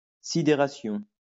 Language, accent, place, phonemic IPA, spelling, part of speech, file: French, France, Lyon, /si.de.ʁa.sjɔ̃/, sidération, noun, LL-Q150 (fra)-sidération.wav
- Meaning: 1. consternation 2. bafflement